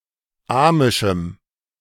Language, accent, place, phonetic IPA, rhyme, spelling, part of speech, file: German, Germany, Berlin, [ˈaːmɪʃm̩], -aːmɪʃm̩, amischem, adjective, De-amischem.ogg
- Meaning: strong dative masculine/neuter singular of amisch